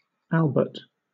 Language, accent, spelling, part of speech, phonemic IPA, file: English, Southern England, Albert, proper noun / noun, /ˈælb.ət/, LL-Q1860 (eng)-Albert.wav
- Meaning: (proper noun) 1. A male given name from the Germanic languages 2. A surname originating as a patronymic 3. A commune in Somme department, Hauts-de-France, France 4. A constituency in Belize